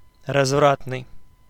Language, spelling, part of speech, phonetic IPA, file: Russian, развратный, adjective, [rɐzˈvratnɨj], Ru-развратный.ogg
- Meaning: dissolute, lewd, lecherous